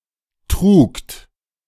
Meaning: second-person plural preterite of tragen
- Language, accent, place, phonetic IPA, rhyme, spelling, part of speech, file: German, Germany, Berlin, [tʁuːkt], -uːkt, trugt, verb, De-trugt.ogg